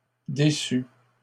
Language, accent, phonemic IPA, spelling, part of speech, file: French, Canada, /de.sy/, déçues, verb, LL-Q150 (fra)-déçues.wav
- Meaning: feminine plural of déçu